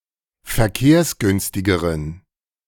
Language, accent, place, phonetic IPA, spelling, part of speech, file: German, Germany, Berlin, [fɛɐ̯ˈkeːɐ̯sˌɡʏnstɪɡəʁən], verkehrsgünstigeren, adjective, De-verkehrsgünstigeren.ogg
- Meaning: inflection of verkehrsgünstig: 1. strong genitive masculine/neuter singular comparative degree 2. weak/mixed genitive/dative all-gender singular comparative degree